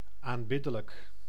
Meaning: worthy of worship, adorable (befitting of being adored)
- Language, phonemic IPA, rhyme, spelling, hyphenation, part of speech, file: Dutch, /ˌaːnˈbɪdələk/, -ɪdələk, aanbiddelijk, aan‧bid‧de‧lijk, adjective, Nl-aanbiddelijk.ogg